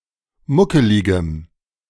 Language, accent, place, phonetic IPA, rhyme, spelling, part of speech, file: German, Germany, Berlin, [ˈmʊkəlɪɡəm], -ʊkəlɪɡəm, muckeligem, adjective, De-muckeligem.ogg
- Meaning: strong dative masculine/neuter singular of muckelig